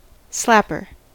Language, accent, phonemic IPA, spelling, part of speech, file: English, US, /ˈslæpɚ/, slapper, noun, En-us-slapper.ogg
- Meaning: 1. One who, or that which, slaps 2. A prostitute 3. A woman of loose morals